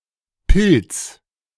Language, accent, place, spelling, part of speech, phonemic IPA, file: German, Germany, Berlin, Pils, noun, /pɪls/, De-Pils.ogg
- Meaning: pilsner beer